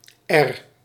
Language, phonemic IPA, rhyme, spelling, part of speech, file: Dutch, /ɛr/, -ɛr, r, character, Nl-r.ogg
- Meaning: The eighteenth letter of the Dutch alphabet, written in the Latin script